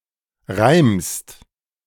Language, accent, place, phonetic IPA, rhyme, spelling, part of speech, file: German, Germany, Berlin, [ʁaɪ̯mst], -aɪ̯mst, reimst, verb, De-reimst.ogg
- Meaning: second-person singular present of reimen